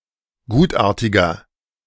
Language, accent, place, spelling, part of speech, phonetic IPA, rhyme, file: German, Germany, Berlin, gutartiger, adjective, [ˈɡuːtˌʔaːɐ̯tɪɡɐ], -uːtʔaːɐ̯tɪɡɐ, De-gutartiger.ogg
- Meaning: 1. comparative degree of gutartig 2. inflection of gutartig: strong/mixed nominative masculine singular 3. inflection of gutartig: strong genitive/dative feminine singular